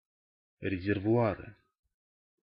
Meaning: nominative/accusative plural of резервуа́р (rezervuár)
- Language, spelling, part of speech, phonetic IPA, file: Russian, резервуары, noun, [rʲɪzʲɪrvʊˈarɨ], Ru-резервуары.ogg